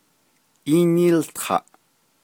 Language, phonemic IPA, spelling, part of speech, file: Navajo, /ʔíːnîːltʰɑ̀ʔ/, ííníiltaʼ, verb, Nv-ííníiltaʼ.ogg
- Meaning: first-person duoplural imperfective of ółtaʼ